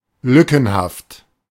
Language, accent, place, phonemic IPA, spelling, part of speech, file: German, Germany, Berlin, /ˈlʏkn̩haft/, lückenhaft, adjective, De-lückenhaft.ogg
- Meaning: patchy, scrappy